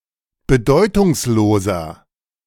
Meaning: 1. comparative degree of bedeutungslos 2. inflection of bedeutungslos: strong/mixed nominative masculine singular 3. inflection of bedeutungslos: strong genitive/dative feminine singular
- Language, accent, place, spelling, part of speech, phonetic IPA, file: German, Germany, Berlin, bedeutungsloser, adjective, [bəˈdɔɪ̯tʊŋsˌloːzɐ], De-bedeutungsloser.ogg